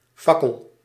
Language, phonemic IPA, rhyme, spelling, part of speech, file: Dutch, /ˈfɑ.kəl/, -ɑkəl, fakkel, noun, Nl-fakkel.ogg
- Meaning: torch (a stick with a flame at one end)